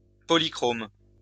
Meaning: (adjective) 1. polychrome 2. multicoloured; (verb) inflection of polychromer: 1. first/third-person singular present indicative/subjunctive 2. second-person singular imperative
- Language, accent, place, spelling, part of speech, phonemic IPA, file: French, France, Lyon, polychrome, adjective / verb, /pɔ.li.kʁom/, LL-Q150 (fra)-polychrome.wav